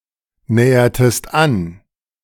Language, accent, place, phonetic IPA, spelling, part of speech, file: German, Germany, Berlin, [ˌnɛːɐtəst ˈan], nähertest an, verb, De-nähertest an.ogg
- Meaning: inflection of annähern: 1. second-person singular preterite 2. second-person singular subjunctive II